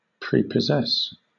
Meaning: Chiefly followed by by or with: to preoccupy (someone) in an emotional or mental way, so as to preclude other things
- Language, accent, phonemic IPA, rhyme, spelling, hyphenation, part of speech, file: English, Southern England, /ˌpɹiːpəˈzɛs/, -ɛs, prepossess, pre‧pos‧sess, verb, LL-Q1860 (eng)-prepossess.wav